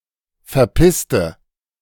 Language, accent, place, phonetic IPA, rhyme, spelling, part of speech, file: German, Germany, Berlin, [fɛɐ̯ˈpɪstə], -ɪstə, verpisste, adjective / verb, De-verpisste.ogg
- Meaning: inflection of verpissen: 1. first/third-person singular preterite 2. first/third-person singular subjunctive II